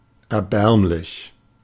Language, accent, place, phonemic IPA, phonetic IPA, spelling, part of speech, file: German, Germany, Berlin, /ɛɐ̯ˈbɛʁmlɪç/, [ɛɐ̯ˈbɛɐ̯mlɪç], erbärmlich, adjective, De-erbärmlich.ogg
- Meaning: pitiful, miserable, pathetic, wretched